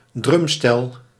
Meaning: drum set
- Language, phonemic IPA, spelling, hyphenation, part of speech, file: Dutch, /ˈdrʏm.stɛl/, drumstel, drum‧stel, noun, Nl-drumstel.ogg